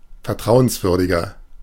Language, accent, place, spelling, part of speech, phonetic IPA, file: German, Germany, Berlin, vertrauenswürdiger, adjective, [fɛɐ̯ˈtʁaʊ̯ənsˌvʏʁdɪɡɐ], De-vertrauenswürdiger.ogg
- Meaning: 1. comparative degree of vertrauenswürdig 2. inflection of vertrauenswürdig: strong/mixed nominative masculine singular 3. inflection of vertrauenswürdig: strong genitive/dative feminine singular